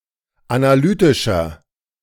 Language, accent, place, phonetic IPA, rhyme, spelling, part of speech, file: German, Germany, Berlin, [anaˈlyːtɪʃɐ], -yːtɪʃɐ, analytischer, adjective, De-analytischer.ogg
- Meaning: inflection of analytisch: 1. strong/mixed nominative masculine singular 2. strong genitive/dative feminine singular 3. strong genitive plural